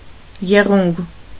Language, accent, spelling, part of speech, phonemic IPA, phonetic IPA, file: Armenian, Eastern Armenian, եղունգ, noun, /jeˈʁunɡ/, [jeʁúŋɡ], Hy-եղունգ.ogg
- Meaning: nail (of finger or toe)